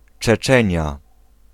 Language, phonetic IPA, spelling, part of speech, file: Polish, [t͡ʃɛˈt͡ʃɛ̃ɲja], Czeczenia, proper noun, Pl-Czeczenia.ogg